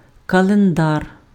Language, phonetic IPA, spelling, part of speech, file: Ukrainian, [kɐɫenˈdar], календар, noun, Uk-календар.ogg
- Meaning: calendar